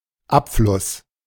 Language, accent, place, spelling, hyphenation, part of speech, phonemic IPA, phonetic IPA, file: German, Germany, Berlin, Abfluss, Ab‧fluss, noun, /ˈapˌflʊs/, [ˈʔapˌflʊs], De-Abfluss.ogg
- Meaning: 1. drain; plughole (especially in the bathroom, also toilet) 2. outlet